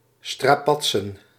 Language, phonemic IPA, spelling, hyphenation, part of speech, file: Dutch, /straːˈpɑt.sə(n)/, strapatsen, stra‧pat‧sen, noun, Nl-strapatsen.ogg
- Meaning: plural of strapats